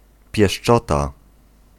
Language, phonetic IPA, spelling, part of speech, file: Polish, [pʲjɛʃˈt͡ʃɔta], pieszczota, noun, Pl-pieszczota.ogg